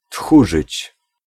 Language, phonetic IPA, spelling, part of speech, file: Polish, [ˈtxuʒɨt͡ɕ], tchórzyć, verb, Pl-tchórzyć.ogg